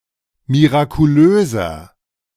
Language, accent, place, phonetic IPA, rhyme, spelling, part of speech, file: German, Germany, Berlin, [miʁakuˈløːzɐ], -øːzɐ, mirakulöser, adjective, De-mirakulöser.ogg
- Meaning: 1. comparative degree of mirakulös 2. inflection of mirakulös: strong/mixed nominative masculine singular 3. inflection of mirakulös: strong genitive/dative feminine singular